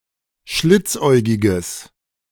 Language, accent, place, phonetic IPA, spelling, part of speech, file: German, Germany, Berlin, [ˈʃlɪt͡sˌʔɔɪ̯ɡɪɡəs], schlitzäugiges, adjective, De-schlitzäugiges.ogg
- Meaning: strong/mixed nominative/accusative neuter singular of schlitzäugig